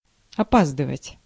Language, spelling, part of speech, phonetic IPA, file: Russian, опаздывать, verb, [ɐˈpazdɨvətʲ], Ru-опаздывать.ogg
- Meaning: to be late